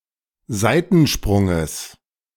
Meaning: genitive singular of Seitensprung
- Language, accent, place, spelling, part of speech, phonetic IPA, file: German, Germany, Berlin, Seitensprunges, noun, [ˈzaɪ̯tn̩ˌʃpʁʊŋəs], De-Seitensprunges.ogg